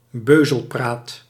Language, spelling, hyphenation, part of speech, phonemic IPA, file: Dutch, beuzelpraat, beu‧zel‧praat, noun, /ˈbøː.zəlˌpraːt/, Nl-beuzelpraat.ogg
- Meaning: banter, chit-chat, idle talk